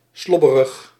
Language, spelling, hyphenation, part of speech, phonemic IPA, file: Dutch, slobberig, slob‧be‧rig, adjective, /ˈslɔ.bə.rəx/, Nl-slobberig.ogg
- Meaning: 1. unkempt, grubby 2. baggy, roomy (said of clothes)